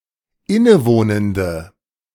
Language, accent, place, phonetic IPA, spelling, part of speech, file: German, Germany, Berlin, [ˈɪnəˌvoːnəndə], innewohnende, adjective, De-innewohnende.ogg
- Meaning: inflection of innewohnend: 1. strong/mixed nominative/accusative feminine singular 2. strong nominative/accusative plural 3. weak nominative all-gender singular